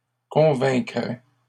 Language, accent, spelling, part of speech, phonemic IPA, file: French, Canada, convaincraient, verb, /kɔ̃.vɛ̃.kʁɛ/, LL-Q150 (fra)-convaincraient.wav
- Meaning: third-person plural conditional of convaincre